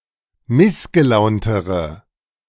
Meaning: inflection of missgelaunt: 1. strong/mixed nominative/accusative feminine singular comparative degree 2. strong nominative/accusative plural comparative degree
- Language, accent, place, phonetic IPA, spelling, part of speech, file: German, Germany, Berlin, [ˈmɪsɡəˌlaʊ̯ntəʁə], missgelauntere, adjective, De-missgelauntere.ogg